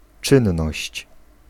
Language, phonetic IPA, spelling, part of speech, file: Polish, [ˈt͡ʃɨ̃nːɔɕt͡ɕ], czynność, noun, Pl-czynność.ogg